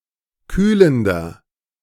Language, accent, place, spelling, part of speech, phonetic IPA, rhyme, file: German, Germany, Berlin, kühlender, adjective, [ˈkyːləndɐ], -yːləndɐ, De-kühlender.ogg
- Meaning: inflection of kühlend: 1. strong/mixed nominative masculine singular 2. strong genitive/dative feminine singular 3. strong genitive plural